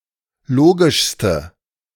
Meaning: inflection of logisch: 1. strong/mixed nominative/accusative feminine singular superlative degree 2. strong nominative/accusative plural superlative degree
- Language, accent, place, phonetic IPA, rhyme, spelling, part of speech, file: German, Germany, Berlin, [ˈloːɡɪʃstə], -oːɡɪʃstə, logischste, adjective, De-logischste.ogg